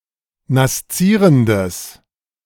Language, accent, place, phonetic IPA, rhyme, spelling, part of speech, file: German, Germany, Berlin, [nasˈt͡siːʁəndəs], -iːʁəndəs, naszierendes, adjective, De-naszierendes.ogg
- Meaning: strong/mixed nominative/accusative neuter singular of naszierend